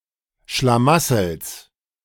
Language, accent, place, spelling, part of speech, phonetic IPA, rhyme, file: German, Germany, Berlin, Schlamassels, noun, [ʃlaˈmasl̩s], -asl̩s, De-Schlamassels.ogg
- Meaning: genitive singular of Schlamassel